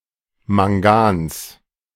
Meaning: genitive singular of Mangan
- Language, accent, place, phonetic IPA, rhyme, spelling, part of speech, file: German, Germany, Berlin, [maŋˈɡaːns], -aːns, Mangans, noun, De-Mangans.ogg